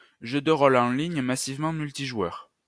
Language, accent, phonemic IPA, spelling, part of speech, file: French, France, /ʒø d(ə) ʁo.l‿ɑ̃ liɲ ma.siv.mɑ̃ myl.ti.ʒwœʁ/, jeu de rôle en ligne massivement multijoueur, noun, LL-Q150 (fra)-jeu de rôle en ligne massivement multijoueur.wav
- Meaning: massively multiplayer online role-playing game